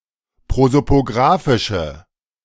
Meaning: inflection of prosopografisch: 1. strong/mixed nominative/accusative feminine singular 2. strong nominative/accusative plural 3. weak nominative all-gender singular
- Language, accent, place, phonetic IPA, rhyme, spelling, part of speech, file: German, Germany, Berlin, [ˌpʁozopoˈɡʁaːfɪʃə], -aːfɪʃə, prosopografische, adjective, De-prosopografische.ogg